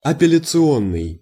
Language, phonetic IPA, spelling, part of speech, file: Russian, [ɐpʲɪlʲɪt͡sɨˈonːɨj], апелляционный, adjective, Ru-апелляционный.ogg
- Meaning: appellate